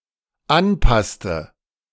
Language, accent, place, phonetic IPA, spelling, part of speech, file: German, Germany, Berlin, [ˈanˌpastə], anpasste, verb, De-anpasste.ogg
- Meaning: inflection of anpassen: 1. first/third-person singular dependent preterite 2. first/third-person singular dependent subjunctive II